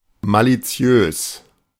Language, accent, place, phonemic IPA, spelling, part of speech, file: German, Germany, Berlin, /ˌmaliˈt͡si̯øːs/, maliziös, adjective, De-maliziös.ogg
- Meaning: malicious